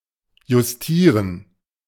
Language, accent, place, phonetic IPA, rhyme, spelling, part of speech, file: German, Germany, Berlin, [jʊsˈtiːʁən], -iːʁən, justieren, verb, De-justieren.ogg
- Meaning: to set, to adjust